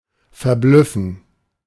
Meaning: to amaze, to dazzle
- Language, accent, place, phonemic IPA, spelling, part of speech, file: German, Germany, Berlin, /fɛɐ̯ˈblʏfn̩/, verblüffen, verb, De-verblüffen.ogg